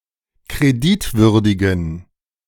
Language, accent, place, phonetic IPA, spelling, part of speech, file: German, Germany, Berlin, [kʁeˈdɪtˌvʏʁdɪɡn̩], kreditwürdigen, adjective, De-kreditwürdigen.ogg
- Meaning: inflection of kreditwürdig: 1. strong genitive masculine/neuter singular 2. weak/mixed genitive/dative all-gender singular 3. strong/weak/mixed accusative masculine singular 4. strong dative plural